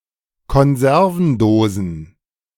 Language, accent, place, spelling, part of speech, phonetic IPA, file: German, Germany, Berlin, Konservendosen, noun, [kɔnˈzɛʁvn̩ˌdoːzn̩], De-Konservendosen.ogg
- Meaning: plural of Konservendose